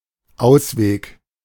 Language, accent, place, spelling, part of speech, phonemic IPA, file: German, Germany, Berlin, Ausweg, noun, /ˈʔaʊ̯sveːk/, De-Ausweg.ogg
- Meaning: 1. way out, escape route 2. solution (to a predicament)